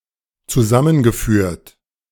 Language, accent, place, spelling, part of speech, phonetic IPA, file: German, Germany, Berlin, zusammengeführt, verb, [t͡suˈzamənɡəˌfyːɐ̯t], De-zusammengeführt.ogg
- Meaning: past participle of zusammenführen